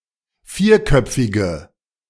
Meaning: inflection of vierköpfig: 1. strong/mixed nominative/accusative feminine singular 2. strong nominative/accusative plural 3. weak nominative all-gender singular
- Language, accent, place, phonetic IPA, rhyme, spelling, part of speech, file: German, Germany, Berlin, [ˈfiːɐ̯ˌkœp͡fɪɡə], -iːɐ̯kœp͡fɪɡə, vierköpfige, adjective, De-vierköpfige.ogg